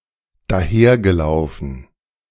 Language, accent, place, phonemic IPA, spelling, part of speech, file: German, Germany, Berlin, /daˈheːrɡəˌlaʊ̯fən/, dahergelaufen, adjective, De-dahergelaufen.ogg
- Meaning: random; with the notion of all and sundry; Tom, Dick and Harry